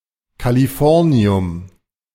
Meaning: californium
- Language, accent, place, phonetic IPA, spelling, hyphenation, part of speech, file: German, Germany, Berlin, [kaliˈfɔʁni̯ʊm], Californium, Ca‧li‧for‧ni‧um, noun, De-Californium.ogg